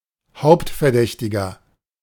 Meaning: prime suspect
- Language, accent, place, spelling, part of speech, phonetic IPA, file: German, Germany, Berlin, Hauptverdächtiger, noun, [ˈhaʊ̯ptfɛɐ̯ˌdɛçtɪɡɐ], De-Hauptverdächtiger.ogg